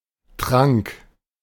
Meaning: 1. a drink, generally mixed of several ingredients, and often for medical or magical effect; a potion 2. any drink
- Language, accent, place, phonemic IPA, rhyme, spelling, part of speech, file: German, Germany, Berlin, /tʁaŋk/, -aŋk, Trank, noun, De-Trank.ogg